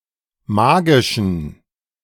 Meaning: inflection of magisch: 1. strong genitive masculine/neuter singular 2. weak/mixed genitive/dative all-gender singular 3. strong/weak/mixed accusative masculine singular 4. strong dative plural
- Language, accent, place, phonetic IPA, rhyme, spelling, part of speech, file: German, Germany, Berlin, [ˈmaːɡɪʃn̩], -aːɡɪʃn̩, magischen, adjective, De-magischen.ogg